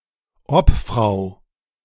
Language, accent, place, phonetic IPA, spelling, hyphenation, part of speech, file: German, Germany, Berlin, [ˈɔpfʁaʊ̯], Obfrau, Ob‧frau, noun, De-Obfrau.ogg
- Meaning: female equivalent of Obmann: chairwoman; female representative